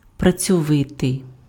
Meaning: hardworking, industrious
- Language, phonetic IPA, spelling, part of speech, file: Ukrainian, [prɐt͡sʲɔˈʋɪtei̯], працьовитий, adjective, Uk-працьовитий.ogg